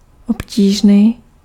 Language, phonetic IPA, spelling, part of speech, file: Czech, [ˈopciːʒniː], obtížný, adjective, Cs-obtížný.ogg
- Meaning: 1. difficult (hard) 2. pesky